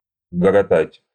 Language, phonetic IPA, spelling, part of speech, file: Russian, [ɡəɡɐˈtatʲ], гоготать, verb, Ru-гоготать.ogg
- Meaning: 1. to cackle (of geese) 2. to roar with laughter